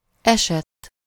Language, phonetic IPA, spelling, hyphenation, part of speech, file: Hungarian, [ˈɛʃɛtː], esett, esett, verb, Hu-esett.ogg
- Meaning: 1. third-person singular indicative past indefinite of esik 2. past participle of esik